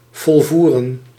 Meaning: to fulfill, to successfully perform
- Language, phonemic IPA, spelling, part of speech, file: Dutch, /vɔlˈvu.rə(n)/, volvoeren, verb, Nl-volvoeren.ogg